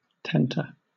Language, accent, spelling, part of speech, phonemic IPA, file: English, Southern England, tenter, noun / verb, /ˈtɛntəɹ/, LL-Q1860 (eng)-tenter.wav
- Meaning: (noun) 1. A framework upon which cloth is stretched and dried 2. One who takes care of, or tends, machines in a factory; a kind of assistant foreman 3. A kind of governor, or regulating device